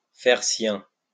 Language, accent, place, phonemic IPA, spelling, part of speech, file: French, France, Lyon, /fɛʁ sjɛ̃/, faire sien, verb, LL-Q150 (fra)-faire sien.wav
- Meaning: to make (something) one's own, to endorse